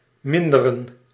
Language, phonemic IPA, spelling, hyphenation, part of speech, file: Dutch, /ˈmɪn.də.rə(n)/, minderen, min‧de‧ren, verb / noun, Nl-minderen.ogg
- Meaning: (verb) 1. to cut back [with met ‘on’], to reduce 2. to decrease 3. to perform a decrease; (noun) plural of mindere